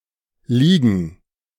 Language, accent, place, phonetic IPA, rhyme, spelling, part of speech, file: German, Germany, Berlin, [ˈliːɡn̩], -iːɡn̩, Ligen, noun, De-Ligen.ogg
- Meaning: plural of Liga